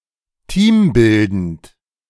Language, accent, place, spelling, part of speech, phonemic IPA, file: German, Germany, Berlin, teambildend, adjective, /ˈtiːmˌbɪldənt/, De-teambildend.ogg
- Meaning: team-building